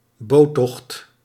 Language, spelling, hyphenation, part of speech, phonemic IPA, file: Dutch, boottocht, boot‧tocht, noun, /ˈboː.tɔxt/, Nl-boottocht.ogg
- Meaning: boat trip